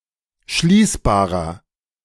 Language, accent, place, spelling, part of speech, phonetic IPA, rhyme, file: German, Germany, Berlin, schließbarer, adjective, [ˈʃliːsbaːʁɐ], -iːsbaːʁɐ, De-schließbarer.ogg
- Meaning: inflection of schließbar: 1. strong/mixed nominative masculine singular 2. strong genitive/dative feminine singular 3. strong genitive plural